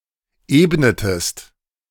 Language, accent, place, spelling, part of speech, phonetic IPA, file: German, Germany, Berlin, ebnetest, verb, [ˈeːbnətəst], De-ebnetest.ogg
- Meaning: inflection of ebnen: 1. second-person singular preterite 2. second-person singular subjunctive II